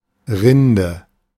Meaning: 1. bark of a tree 2. rind of a cheese 3. crust of bread 4. cortex
- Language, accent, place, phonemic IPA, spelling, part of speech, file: German, Germany, Berlin, /ˈʁɪndə/, Rinde, noun, De-Rinde.ogg